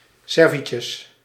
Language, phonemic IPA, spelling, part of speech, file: Dutch, /ˈsɛr.vɪ.səs/, cervices, noun, Nl-cervices.ogg
- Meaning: plural of cervix